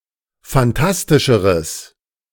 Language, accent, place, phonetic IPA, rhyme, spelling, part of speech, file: German, Germany, Berlin, [fanˈtastɪʃəʁəs], -astɪʃəʁəs, phantastischeres, adjective, De-phantastischeres.ogg
- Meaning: strong/mixed nominative/accusative neuter singular comparative degree of phantastisch